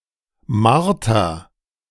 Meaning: inflection of martern: 1. first-person singular present 2. singular imperative
- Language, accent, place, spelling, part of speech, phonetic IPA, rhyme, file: German, Germany, Berlin, marter, verb, [ˈmaʁtɐ], -aʁtɐ, De-marter.ogg